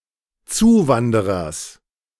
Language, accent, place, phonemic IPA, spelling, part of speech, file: German, Germany, Berlin, /ˈtsuːˌvandəʁɐs/, Zuwanderers, noun, De-Zuwanderers.ogg
- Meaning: genitive singular of Zuwanderer